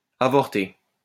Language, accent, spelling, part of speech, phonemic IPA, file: French, France, avorté, verb, /a.vɔʁ.te/, LL-Q150 (fra)-avorté.wav
- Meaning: past participle of avorter